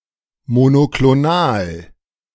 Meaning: monoclonal
- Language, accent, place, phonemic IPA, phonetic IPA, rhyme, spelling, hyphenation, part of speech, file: German, Germany, Berlin, /mo.no.kloˈnaːl/, [mo.no.klɔˈnaːl], -aːl, monoklonal, mo‧no‧klo‧nal, adjective, De-monoklonal.ogg